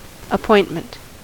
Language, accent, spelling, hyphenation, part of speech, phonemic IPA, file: English, US, appointment, ap‧point‧ment, noun, /əˈpɔɪnt.mɛnt/, En-us-appointment.ogg
- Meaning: 1. The act of appointing a person to hold an office or to have a position of trust 2. The state of being appointed to a service or office; an office to which one is appointed